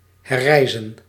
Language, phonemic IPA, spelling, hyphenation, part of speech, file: Dutch, /ˌɦɛrˈrɛi̯.zə(n)/, herrijzen, her‧rij‧zen, verb, Nl-herrijzen.ogg
- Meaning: to rise again, to become resurrected